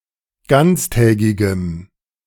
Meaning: strong dative masculine/neuter singular of ganztägig
- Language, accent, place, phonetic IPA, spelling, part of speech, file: German, Germany, Berlin, [ˈɡant͡sˌtɛːɡɪɡəm], ganztägigem, adjective, De-ganztägigem.ogg